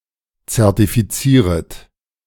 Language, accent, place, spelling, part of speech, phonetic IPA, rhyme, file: German, Germany, Berlin, zertifizieret, verb, [t͡sɛʁtifiˈt͡siːʁət], -iːʁət, De-zertifizieret.ogg
- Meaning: second-person plural subjunctive I of zertifizieren